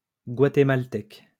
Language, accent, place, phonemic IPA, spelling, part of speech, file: French, France, Lyon, /ɡwa.te.mal.tɛk/, guatémaltèque, adjective, LL-Q150 (fra)-guatémaltèque.wav
- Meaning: of Guatemala; Guatemalan